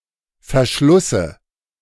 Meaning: dative of Verschluss
- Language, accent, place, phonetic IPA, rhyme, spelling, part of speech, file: German, Germany, Berlin, [fɛɐ̯ˈʃlʊsə], -ʊsə, Verschlusse, noun, De-Verschlusse.ogg